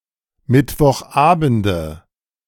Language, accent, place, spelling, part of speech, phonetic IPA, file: German, Germany, Berlin, Mittwochabende, noun, [ˌmɪtvɔxˈʔaːbn̩də], De-Mittwochabende.ogg
- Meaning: nominative/accusative/genitive plural of Mittwochabend